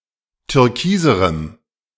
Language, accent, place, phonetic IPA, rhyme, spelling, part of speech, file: German, Germany, Berlin, [tʏʁˈkiːzəʁəm], -iːzəʁəm, türkiserem, adjective, De-türkiserem.ogg
- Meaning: strong dative masculine/neuter singular comparative degree of türkis